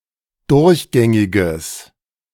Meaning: strong/mixed nominative/accusative neuter singular of durchgängig
- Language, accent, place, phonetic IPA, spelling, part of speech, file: German, Germany, Berlin, [ˈdʊʁçˌɡɛŋɪɡəs], durchgängiges, adjective, De-durchgängiges.ogg